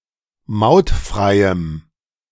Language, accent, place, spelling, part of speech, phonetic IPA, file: German, Germany, Berlin, mautfreiem, adjective, [ˈmaʊ̯tˌfʁaɪ̯əm], De-mautfreiem.ogg
- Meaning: strong dative masculine/neuter singular of mautfrei